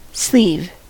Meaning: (noun) 1. The part of a garment that covers the arm 2. A (usually tubular) covering or lining to protect a piece of machinery etc
- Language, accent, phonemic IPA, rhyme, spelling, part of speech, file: English, US, /sliv/, -iːv, sleeve, noun / verb, En-us-sleeve.ogg